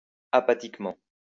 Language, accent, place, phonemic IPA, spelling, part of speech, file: French, France, Lyon, /a.pa.tik.mɑ̃/, apathiquement, adverb, LL-Q150 (fra)-apathiquement.wav
- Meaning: apathetically